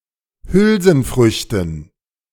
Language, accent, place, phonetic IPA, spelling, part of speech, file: German, Germany, Berlin, [ˈhʏlzn̩ˌfʁʏçtn̩], Hülsenfrüchten, noun, De-Hülsenfrüchten.ogg
- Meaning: dative plural of Hülsenfrucht